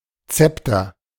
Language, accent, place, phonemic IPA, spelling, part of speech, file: German, Germany, Berlin, /ˈt͡sɛptɐ/, Zepter, noun, De-Zepter.ogg
- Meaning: sceptre